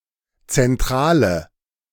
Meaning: inflection of zentral: 1. strong/mixed nominative/accusative feminine singular 2. strong nominative/accusative plural 3. weak nominative all-gender singular 4. weak accusative feminine/neuter singular
- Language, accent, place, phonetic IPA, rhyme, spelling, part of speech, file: German, Germany, Berlin, [t͡sɛnˈtʁaːlə], -aːlə, zentrale, adjective, De-zentrale.ogg